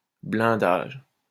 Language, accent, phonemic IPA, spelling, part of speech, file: French, France, /blɛ̃.daʒ/, blindage, noun, LL-Q150 (fra)-blindage.wav
- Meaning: armour, armour plating